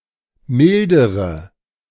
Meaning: inflection of mildern: 1. first-person singular present 2. first/third-person singular subjunctive I 3. singular imperative
- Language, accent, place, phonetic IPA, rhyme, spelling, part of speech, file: German, Germany, Berlin, [ˈmɪldəʁə], -ɪldəʁə, mildere, verb / adjective, De-mildere.ogg